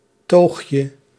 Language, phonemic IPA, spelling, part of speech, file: Dutch, /ˈtoxjə/, toogje, noun, Nl-toogje.ogg
- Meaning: diminutive of toog